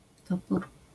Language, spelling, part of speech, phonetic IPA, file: Polish, topór, noun, [ˈtɔpur], LL-Q809 (pol)-topór.wav